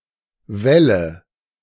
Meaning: nominative/accusative/genitive plural of Wall
- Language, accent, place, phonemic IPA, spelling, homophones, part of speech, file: German, Germany, Berlin, /ˈvɛlə/, Wälle, Welle, noun, De-Wälle.ogg